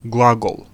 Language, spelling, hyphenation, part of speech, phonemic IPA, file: Serbo-Croatian, glagol, gla‧gol, noun, /ɡlâɡol/, Hr-glagol.ogg
- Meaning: verb